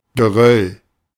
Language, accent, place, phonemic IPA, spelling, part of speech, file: German, Germany, Berlin, /ɡəˈʁœl/, Geröll, noun, De-Geröll.ogg
- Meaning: debris